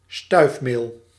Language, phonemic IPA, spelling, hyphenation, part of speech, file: Dutch, /ˈstœy̯fmeːl/, stuifmeel, stuif‧meel, noun, Nl-stuifmeel.ogg
- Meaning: 1. pollen (fine granular substance produced in flowers) 2. flour dispersed in a flour mill due to grinding, stive